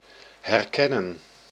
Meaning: to recognize
- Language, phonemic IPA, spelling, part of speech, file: Dutch, /ˌɦɛrˈkɛ.nə(n)/, herkennen, verb, Nl-herkennen.ogg